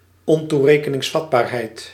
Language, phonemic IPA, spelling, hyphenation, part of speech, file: Dutch, /ˌɔn.tu.reː.kə.nɪŋsˈfɑt.baːr.ɦɛi̯t/, ontoerekeningsvatbaarheid, on‧toe‧re‧ke‧nings‧vat‧baar‧heid, noun, Nl-ontoerekeningsvatbaarheid.ogg
- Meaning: the state of being unaccountable, insane, non compos mentis